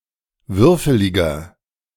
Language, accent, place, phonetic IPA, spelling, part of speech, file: German, Germany, Berlin, [ˈvʏʁfəlɪɡɐ], würfeliger, adjective, De-würfeliger.ogg
- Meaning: inflection of würfelig: 1. strong/mixed nominative masculine singular 2. strong genitive/dative feminine singular 3. strong genitive plural